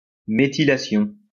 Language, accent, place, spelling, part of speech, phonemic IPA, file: French, France, Lyon, méthylation, noun, /me.ti.la.sjɔ̃/, LL-Q150 (fra)-méthylation.wav
- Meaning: methylation